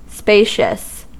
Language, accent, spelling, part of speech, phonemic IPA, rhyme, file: English, US, spacious, adjective, /ˈspeɪʃ.əs/, -eɪʃəs, En-us-spacious.ogg
- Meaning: 1. Having plenty of space; roomy; capacious 2. Large in expanse